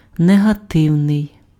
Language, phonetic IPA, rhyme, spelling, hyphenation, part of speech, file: Ukrainian, [neɦɐˈtɪu̯nei̯], -ɪu̯nei̯, негативний, не‧га‧тив‧ний, adjective, Uk-негативний.ogg
- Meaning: negative